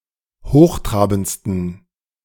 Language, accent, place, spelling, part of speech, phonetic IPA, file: German, Germany, Berlin, hochtrabendsten, adjective, [ˈhoːxˌtʁaːbn̩t͡stən], De-hochtrabendsten.ogg
- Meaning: 1. superlative degree of hochtrabend 2. inflection of hochtrabend: strong genitive masculine/neuter singular superlative degree